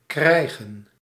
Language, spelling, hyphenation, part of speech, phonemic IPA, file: Dutch, krijgen, krij‧gen, verb / noun, /ˈkrɛi̯ɣə(n)/, Nl-krijgen.ogg
- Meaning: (verb) 1. to get, to receive, to come into possession of (anything ranging from concrete to abstract inputs such as news, gift, punishment, et cetera) 2. to get, to be presented with